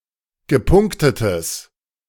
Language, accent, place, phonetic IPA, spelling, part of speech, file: German, Germany, Berlin, [ɡəˈpʊŋktətəs], gepunktetes, adjective, De-gepunktetes.ogg
- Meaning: strong/mixed nominative/accusative neuter singular of gepunktet